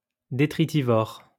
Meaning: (adjective) detritivorous; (noun) detritivore
- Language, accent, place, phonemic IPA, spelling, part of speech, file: French, France, Lyon, /de.tʁi.ti.vɔʁ/, détritivore, adjective / noun, LL-Q150 (fra)-détritivore.wav